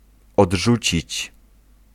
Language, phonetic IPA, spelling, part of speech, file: Polish, [ɔḍˈʒut͡ɕit͡ɕ], odrzucić, verb, Pl-odrzucić.ogg